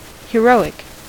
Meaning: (adjective) 1. Of or relating to a hero or heroine; supremely noble 2. Courageous; displaying heroism 3. Of a size larger than life, but less than colossal; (noun) A heroic verse
- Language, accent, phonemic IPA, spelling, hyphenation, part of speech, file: English, US, /hɪˈɹoʊ.ɪk/, heroic, he‧ro‧ic, adjective / noun, En-us-heroic.ogg